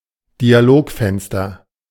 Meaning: dialog box
- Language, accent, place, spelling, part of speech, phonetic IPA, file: German, Germany, Berlin, Dialogfenster, noun, [diaˈloːkˌfɛnstɐ], De-Dialogfenster.ogg